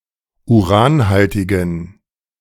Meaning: inflection of uranhaltig: 1. strong genitive masculine/neuter singular 2. weak/mixed genitive/dative all-gender singular 3. strong/weak/mixed accusative masculine singular 4. strong dative plural
- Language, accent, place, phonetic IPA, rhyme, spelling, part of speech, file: German, Germany, Berlin, [uˈʁaːnˌhaltɪɡn̩], -aːnhaltɪɡn̩, uranhaltigen, adjective, De-uranhaltigen.ogg